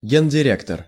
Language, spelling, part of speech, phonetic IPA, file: Russian, гендиректор, noun, [ˌɡʲenʲdʲɪˈrʲektər], Ru-гендиректор.ogg
- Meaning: 1. general director 2. chief executive officer, CEO